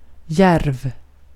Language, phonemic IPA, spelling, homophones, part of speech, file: Swedish, /jɛrv/, djärv, järv, adjective, Sv-djärv.ogg
- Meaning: bold, daring, venturesome